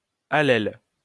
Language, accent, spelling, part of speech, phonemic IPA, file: French, France, allèle, noun, /a.lɛl/, LL-Q150 (fra)-allèle.wav
- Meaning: allele